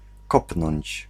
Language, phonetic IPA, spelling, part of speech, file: Polish, [ˈkɔpnɔ̃ɲt͡ɕ], kopnąć, verb, Pl-kopnąć.ogg